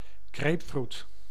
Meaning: 1. grapefruit (tree of the species Citrus paradisi) 2. grapefruit (fruit produced by the tree of the species Citrus paradisi)
- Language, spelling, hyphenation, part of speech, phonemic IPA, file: Dutch, grapefruit, grape‧fruit, noun, /ˈɡreːp.frut/, Nl-grapefruit.ogg